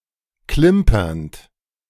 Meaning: present participle of klimpern
- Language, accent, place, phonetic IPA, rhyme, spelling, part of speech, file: German, Germany, Berlin, [ˈklɪmpɐnt], -ɪmpɐnt, klimpernd, verb, De-klimpernd.ogg